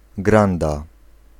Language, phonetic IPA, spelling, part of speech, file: Polish, [ˈɡrãnda], granda, noun, Pl-granda.ogg